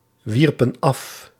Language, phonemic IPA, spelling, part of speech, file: Dutch, /ˈwirpə(n) ˈɑf/, wierpen af, verb, Nl-wierpen af.ogg
- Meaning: inflection of afwerpen: 1. plural past indicative 2. plural past subjunctive